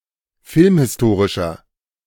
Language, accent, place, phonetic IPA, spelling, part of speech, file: German, Germany, Berlin, [ˈfɪlmhɪsˌtoːʁɪʃɐ], filmhistorischer, adjective, De-filmhistorischer.ogg
- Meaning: inflection of filmhistorisch: 1. strong/mixed nominative masculine singular 2. strong genitive/dative feminine singular 3. strong genitive plural